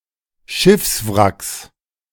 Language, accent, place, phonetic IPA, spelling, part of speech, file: German, Germany, Berlin, [ˈʃɪfsˌvʁaks], Schiffswracks, noun, De-Schiffswracks.ogg
- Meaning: 1. genitive singular of Schiffswrack 2. plural of Schiffswrack